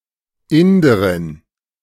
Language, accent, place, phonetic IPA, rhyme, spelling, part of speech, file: German, Germany, Berlin, [ˈɪndəʁɪn], -ɪndəʁɪn, Inderin, noun, De-Inderin.ogg
- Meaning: Indian (a female person from India)